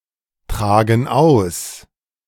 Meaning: inflection of austragen: 1. first/third-person plural present 2. first/third-person plural subjunctive I
- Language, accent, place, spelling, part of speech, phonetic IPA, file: German, Germany, Berlin, tragen aus, verb, [ˌtʁaːɡn̩ ˈaʊ̯s], De-tragen aus.ogg